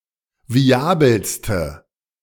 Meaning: inflection of viabel: 1. strong/mixed nominative/accusative feminine singular superlative degree 2. strong nominative/accusative plural superlative degree
- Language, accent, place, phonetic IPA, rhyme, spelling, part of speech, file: German, Germany, Berlin, [viˈaːbl̩stə], -aːbl̩stə, viabelste, adjective, De-viabelste.ogg